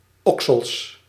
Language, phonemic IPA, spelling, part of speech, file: Dutch, /ˈɔksəls/, oksels, noun, Nl-oksels.ogg
- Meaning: plural of oksel